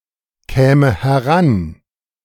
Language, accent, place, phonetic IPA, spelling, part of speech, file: German, Germany, Berlin, [ˌkɛːmə hɛˈʁan], käme heran, verb, De-käme heran.ogg
- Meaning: first/third-person singular subjunctive II of herankommen